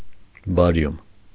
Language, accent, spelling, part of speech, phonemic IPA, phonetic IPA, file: Armenian, Eastern Armenian, բարիում, noun, /bɑˈɾjum/, [bɑɾjúm], Hy-բարիում.ogg
- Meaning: barium